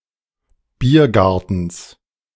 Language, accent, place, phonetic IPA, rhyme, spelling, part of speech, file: German, Germany, Berlin, [ˈbiːɐ̯ˌɡaʁtn̩s], -iːɐ̯ɡaʁtn̩s, Biergartens, noun, De-Biergartens.ogg
- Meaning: genitive singular of Biergarten